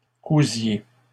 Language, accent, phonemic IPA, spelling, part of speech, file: French, Canada, /ku.zje/, cousiez, verb, LL-Q150 (fra)-cousiez.wav
- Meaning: inflection of coudre: 1. second-person plural imperfect indicative 2. second-person plural present subjunctive